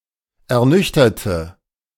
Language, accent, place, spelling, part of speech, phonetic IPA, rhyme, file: German, Germany, Berlin, ernüchterte, adjective / verb, [ɛɐ̯ˈnʏçtɐtə], -ʏçtɐtə, De-ernüchterte.ogg
- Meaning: inflection of ernüchtern: 1. first/third-person singular preterite 2. first/third-person singular subjunctive II